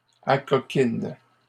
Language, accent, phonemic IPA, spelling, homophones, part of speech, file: French, Canada, /a.kɔ.kin/, acoquinent, acoquine / acoquines, verb, LL-Q150 (fra)-acoquinent.wav
- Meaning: third-person plural present indicative/subjunctive of acoquiner